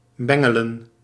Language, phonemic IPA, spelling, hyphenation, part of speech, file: Dutch, /ˈbɛ.ŋə.lə(n)/, bengelen, ben‧ge‧len, verb, Nl-bengelen.ogg
- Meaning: 1. to dangle, swing around loosely 2. to bother, to tease 3. to ring (a bell)